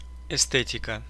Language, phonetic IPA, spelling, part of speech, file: Russian, [ɪˈstɛtʲɪkə], эстетика, noun, Ru-эсте́тика.ogg
- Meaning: aesthetics/esthetics (study or philosophy of beauty)